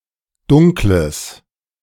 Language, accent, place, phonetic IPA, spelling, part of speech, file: German, Germany, Berlin, [ˈdʊŋkləs], dunkles, adjective, De-dunkles.ogg
- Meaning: strong/mixed nominative/accusative neuter singular of dunkel